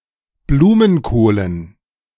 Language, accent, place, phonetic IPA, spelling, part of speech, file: German, Germany, Berlin, [ˈbluːmənˌkoːlən], Blumenkohlen, noun, De-Blumenkohlen.ogg
- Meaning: dative plural of Blumenkohl